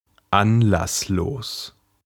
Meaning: without reason; motiveless, senseless
- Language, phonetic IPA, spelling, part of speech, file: German, [ˈanlasˌloːs], anlasslos, adjective, De-anlasslos.ogg